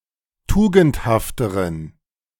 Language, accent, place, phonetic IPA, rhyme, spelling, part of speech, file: German, Germany, Berlin, [ˈtuːɡn̩thaftəʁən], -uːɡn̩thaftəʁən, tugendhafteren, adjective, De-tugendhafteren.ogg
- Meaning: inflection of tugendhaft: 1. strong genitive masculine/neuter singular comparative degree 2. weak/mixed genitive/dative all-gender singular comparative degree